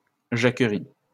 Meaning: jacquerie (peasant revolt)
- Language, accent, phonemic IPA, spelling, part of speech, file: French, France, /ʒa.kʁi/, jacquerie, noun, LL-Q150 (fra)-jacquerie.wav